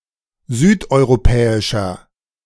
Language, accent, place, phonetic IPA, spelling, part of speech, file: German, Germany, Berlin, [ˈzyːtʔɔɪ̯ʁoˌpɛːɪʃɐ], südeuropäischer, adjective, De-südeuropäischer.ogg
- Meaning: inflection of südeuropäisch: 1. strong/mixed nominative masculine singular 2. strong genitive/dative feminine singular 3. strong genitive plural